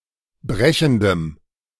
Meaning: strong dative masculine/neuter singular of brechend
- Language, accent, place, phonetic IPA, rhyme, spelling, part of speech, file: German, Germany, Berlin, [ˈbʁɛçn̩dəm], -ɛçn̩dəm, brechendem, adjective, De-brechendem.ogg